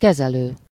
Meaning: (verb) present participle of kezel; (adjective) treating, handling; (noun) operator (one who operates some apparatus)
- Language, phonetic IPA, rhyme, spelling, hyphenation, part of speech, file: Hungarian, [ˈkɛzɛløː], -løː, kezelő, ke‧ze‧lő, verb / adjective / noun, Hu-kezelő.ogg